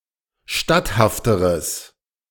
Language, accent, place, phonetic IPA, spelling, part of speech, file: German, Germany, Berlin, [ˈʃtathaftəʁəs], statthafteres, adjective, De-statthafteres.ogg
- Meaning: strong/mixed nominative/accusative neuter singular comparative degree of statthaft